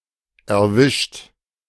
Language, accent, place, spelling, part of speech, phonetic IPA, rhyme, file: German, Germany, Berlin, erwischt, verb, [ɛɐ̯ˈvɪʃt], -ɪʃt, De-erwischt.ogg
- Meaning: 1. past participle of erwischen 2. inflection of erwischen: third-person singular present 3. inflection of erwischen: second-person plural present 4. inflection of erwischen: plural imperative